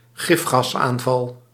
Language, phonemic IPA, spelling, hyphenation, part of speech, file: Dutch, /ˈɣɪf.xɑsˌaːn.vɑl/, gifgasaanval, gif‧gas‧aan‧val, noun, Nl-gifgasaanval.ogg
- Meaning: a poison gas attack